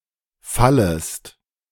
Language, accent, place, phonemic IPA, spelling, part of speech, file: German, Germany, Berlin, /ˈfaləst/, fallest, verb, De-fallest.ogg
- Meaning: second-person singular subjunctive I of fallen